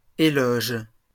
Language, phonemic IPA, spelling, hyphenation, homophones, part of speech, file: French, /e.lɔʒ/, éloges, é‧loges, éloge, noun, LL-Q150 (fra)-éloges.wav
- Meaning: plural of éloge